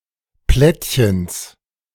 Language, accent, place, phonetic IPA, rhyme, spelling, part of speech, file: German, Germany, Berlin, [ˈplɛtçəns], -ɛtçəns, Plättchens, noun, De-Plättchens.ogg
- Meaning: genitive singular of Plättchen